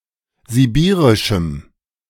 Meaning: strong dative masculine/neuter singular of sibirisch
- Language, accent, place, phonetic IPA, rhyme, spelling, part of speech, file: German, Germany, Berlin, [ziˈbiːʁɪʃm̩], -iːʁɪʃm̩, sibirischem, adjective, De-sibirischem.ogg